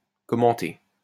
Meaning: to comment
- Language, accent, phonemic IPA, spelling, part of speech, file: French, France, /kɔ.mɑ̃.te/, commenter, verb, LL-Q150 (fra)-commenter.wav